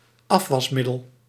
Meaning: dishwashing liquid, dish detergent
- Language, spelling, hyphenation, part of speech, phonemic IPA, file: Dutch, afwasmiddel, af‧was‧mid‧del, noun, /ˈɑf.ʋɑsˌmɪ.dəl/, Nl-afwasmiddel.ogg